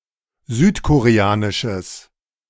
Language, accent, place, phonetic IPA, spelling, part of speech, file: German, Germany, Berlin, [ˈzyːtkoʁeˌaːnɪʃəs], südkoreanisches, adjective, De-südkoreanisches.ogg
- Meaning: strong/mixed nominative/accusative neuter singular of südkoreanisch